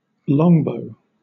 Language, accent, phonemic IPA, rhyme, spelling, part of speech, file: English, Southern England, /ˈlɒŋbəʊ/, -ɒŋbəʊ, longbow, noun, LL-Q1860 (eng)-longbow.wav
- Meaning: A large bow that has a strong tension, and is usually more than 3 feet tall. The most famous longbows in history were the English longbows, which were crafted of yew